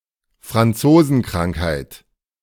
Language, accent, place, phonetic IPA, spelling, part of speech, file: German, Germany, Berlin, [fʁanˈt͡soːzn̩ˌkʁaŋkhaɪ̯t], Franzosenkrankheit, noun, De-Franzosenkrankheit.ogg
- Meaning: the French disease (syphilis)